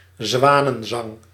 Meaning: swan song (last major work, accomplishment or effort before one's demise or retirement)
- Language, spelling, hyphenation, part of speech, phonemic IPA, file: Dutch, zwanenzang, zwa‧nen‧zang, noun, /ˈzʋaː.nə(n)ˌzɑŋ/, Nl-zwanenzang.ogg